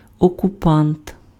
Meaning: occupier, occupant, invader
- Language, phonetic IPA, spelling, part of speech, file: Ukrainian, [ɔkʊˈpant], окупант, noun, Uk-окупант.ogg